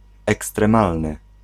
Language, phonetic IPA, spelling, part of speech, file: Polish, [ˌɛkstrɛ̃ˈmalnɨ], ekstremalny, adjective, Pl-ekstremalny.ogg